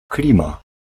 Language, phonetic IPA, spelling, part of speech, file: Polish, [ˈklʲĩma], klima, noun, Pl-klima.ogg